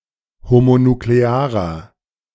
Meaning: inflection of homonuklear: 1. strong/mixed nominative masculine singular 2. strong genitive/dative feminine singular 3. strong genitive plural
- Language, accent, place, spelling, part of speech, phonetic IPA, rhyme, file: German, Germany, Berlin, homonuklearer, adjective, [homonukleˈaːʁɐ], -aːʁɐ, De-homonuklearer.ogg